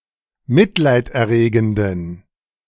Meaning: inflection of mitleiderregend: 1. strong genitive masculine/neuter singular 2. weak/mixed genitive/dative all-gender singular 3. strong/weak/mixed accusative masculine singular 4. strong dative plural
- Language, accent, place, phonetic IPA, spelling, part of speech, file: German, Germany, Berlin, [ˈmɪtlaɪ̯tʔɛɐ̯ˌʁeːɡn̩dən], mitleiderregenden, adjective, De-mitleiderregenden.ogg